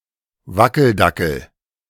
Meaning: 1. dachshund-shaped bobblehead 2. yes-man
- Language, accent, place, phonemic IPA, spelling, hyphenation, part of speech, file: German, Germany, Berlin, /ˈvakl̩ˌdakl̩/, Wackeldackel, Wa‧ckel‧da‧ckel, noun, De-Wackeldackel.ogg